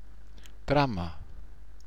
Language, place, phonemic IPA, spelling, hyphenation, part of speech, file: German, Bavaria, /ˈtʁɔɪ̯mən/, träumen, träu‧men, verb, BY-träumen.ogg
- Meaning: to dream